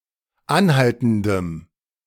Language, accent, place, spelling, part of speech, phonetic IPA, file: German, Germany, Berlin, anhaltendem, adjective, [ˈanˌhaltn̩dəm], De-anhaltendem.ogg
- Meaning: strong dative masculine/neuter singular of anhaltend